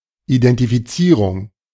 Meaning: identification
- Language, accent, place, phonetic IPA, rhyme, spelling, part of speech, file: German, Germany, Berlin, [idɛntifiˈt͡siːʁʊŋ], -iːʁʊŋ, Identifizierung, noun, De-Identifizierung.ogg